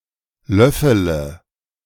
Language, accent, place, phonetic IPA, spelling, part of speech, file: German, Germany, Berlin, [ˈlœfələ], löffele, verb, De-löffele.ogg
- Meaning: inflection of löffeln: 1. first-person singular present 2. singular imperative 3. first/third-person singular subjunctive I